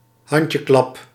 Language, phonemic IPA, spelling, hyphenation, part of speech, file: Dutch, /ˈɦɑn.tjəˌklɑp/, handjeklap, hand‧je‧klap, noun, Nl-handjeklap.ogg
- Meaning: 1. gesture in which two people slap their hands 2. children's game in which players clap each other's hands